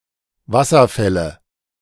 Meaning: nominative/accusative/genitive plural of Wasserfall "waterfalls"
- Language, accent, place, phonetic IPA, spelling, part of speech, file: German, Germany, Berlin, [ˈvasɐˌfɛlə], Wasserfälle, noun, De-Wasserfälle.ogg